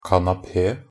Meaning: alternative spelling of kanapé
- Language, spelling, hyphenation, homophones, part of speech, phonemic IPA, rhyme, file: Norwegian Bokmål, kanape, ka‧na‧pe, kanapé, noun, /kanaˈpeː/, -eː, Nb-kanape.ogg